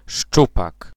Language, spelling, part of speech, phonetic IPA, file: Polish, szczupak, noun, [ˈʃt͡ʃupak], Pl-szczupak.ogg